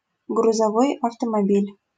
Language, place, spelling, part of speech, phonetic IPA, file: Russian, Saint Petersburg, грузовой автомобиль, noun, [ɡrʊzɐˈvoj ɐftəmɐˈbʲilʲ], LL-Q7737 (rus)-грузовой автомобиль.wav
- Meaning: truck, lorry (motor vehicle)